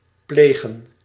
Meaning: 1. to do (something) habitually, customarily 2. to usually happen 3. to commit (a crime) 4. to care for
- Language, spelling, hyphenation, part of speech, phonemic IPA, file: Dutch, plegen, ple‧gen, verb, /ˈpleːɣə(n)/, Nl-plegen.ogg